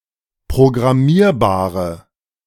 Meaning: inflection of programmierbar: 1. strong/mixed nominative/accusative feminine singular 2. strong nominative/accusative plural 3. weak nominative all-gender singular
- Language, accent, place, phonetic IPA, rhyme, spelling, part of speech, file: German, Germany, Berlin, [pʁoɡʁaˈmiːɐ̯baːʁə], -iːɐ̯baːʁə, programmierbare, adjective, De-programmierbare.ogg